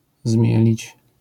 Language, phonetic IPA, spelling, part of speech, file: Polish, [ˈzmʲjɛlʲit͡ɕ], zmielić, verb, LL-Q809 (pol)-zmielić.wav